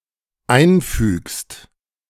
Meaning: second-person singular dependent present of einfügen
- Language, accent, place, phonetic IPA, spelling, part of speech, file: German, Germany, Berlin, [ˈaɪ̯nˌfyːkst], einfügst, verb, De-einfügst.ogg